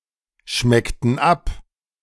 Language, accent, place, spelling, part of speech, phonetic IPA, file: German, Germany, Berlin, schmeckten ab, verb, [ˌʃmɛktn̩ ˈap], De-schmeckten ab.ogg
- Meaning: inflection of abschmecken: 1. first/third-person plural preterite 2. first/third-person plural subjunctive II